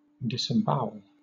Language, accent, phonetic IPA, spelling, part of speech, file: English, Southern England, [dɪsɪmˈbaʊ(ə)ɫ], disembowel, verb, LL-Q1860 (eng)-disembowel.wav
- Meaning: 1. To take or let out the bowels or interior parts of; to eviscerate 2. To take or draw from the body, as the web of a spider